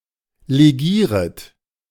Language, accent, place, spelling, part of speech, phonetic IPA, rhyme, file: German, Germany, Berlin, legieret, verb, [leˈɡiːʁət], -iːʁət, De-legieret.ogg
- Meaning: second-person plural subjunctive I of legieren